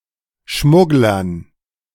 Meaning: dative plural of Schmuggler
- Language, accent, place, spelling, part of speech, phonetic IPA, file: German, Germany, Berlin, Schmugglern, noun, [ˈʃmʊɡlɐn], De-Schmugglern.ogg